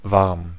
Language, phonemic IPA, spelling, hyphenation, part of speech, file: German, /varm/, warm, warm, adjective, De-warm.ogg
- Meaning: 1. warm; mildly hot 2. warm; keeping the wearer warm 3. including heating costs, water, and fees (electricity may or may not be included) 4. gay, homosexual (mostly male)